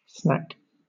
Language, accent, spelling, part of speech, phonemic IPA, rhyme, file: English, Southern England, snack, noun / verb, /snæk/, -æk, LL-Q1860 (eng)-snack.wav
- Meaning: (noun) 1. A light meal 2. An item of food eaten between meals 3. A very sexy and attractive person; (verb) 1. To eat a light meal 2. To eat between meals; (noun) A share; a part or portion